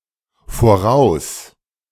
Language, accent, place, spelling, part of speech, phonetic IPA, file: German, Germany, Berlin, voraus-, prefix, [foˈʁaʊ̯s], De-voraus-.ogg
- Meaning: in advance, ahead